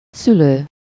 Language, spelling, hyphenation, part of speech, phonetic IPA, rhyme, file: Hungarian, szülő, szü‧lő, verb / noun, [ˈsyløː], -løː, Hu-szülő.ogg
- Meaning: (verb) present participle of szül: giving birth (of or relating to childbirth); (noun) parent